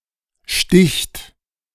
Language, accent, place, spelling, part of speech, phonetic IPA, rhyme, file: German, Germany, Berlin, sticht, verb, [ʃtɪçt], -ɪçt, De-sticht.ogg
- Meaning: third-person singular present of stechen